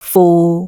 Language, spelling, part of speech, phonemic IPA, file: Cantonese, fu6, romanization, /fuː˨/, Yue-fu6.ogg
- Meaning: Jyutping transcription of 䩉